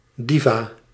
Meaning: a diva
- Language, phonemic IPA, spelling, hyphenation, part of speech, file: Dutch, /ˈdi.vaː/, diva, di‧va, noun, Nl-diva.ogg